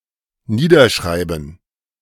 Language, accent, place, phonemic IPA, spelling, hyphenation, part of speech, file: German, Germany, Berlin, /ˈniːdɐˌʃʁaɪ̯bn̩/, niederschreiben, nie‧der‧schrei‧ben, verb, De-niederschreiben.ogg
- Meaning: to write down, to put into writing (as a lasting record, not typically of throwaway notes)